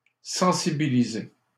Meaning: 1. to make sensitive 2. to raise awareness
- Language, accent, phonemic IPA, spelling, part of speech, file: French, Canada, /sɑ̃.si.bi.li.ze/, sensibiliser, verb, LL-Q150 (fra)-sensibiliser.wav